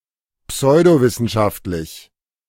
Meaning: pseudoscientific
- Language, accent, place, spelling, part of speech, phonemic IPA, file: German, Germany, Berlin, pseudowissenschaftlich, adjective, /ˈpsɔɪ̯doˌvɪsn̩ʃaftlɪç/, De-pseudowissenschaftlich.ogg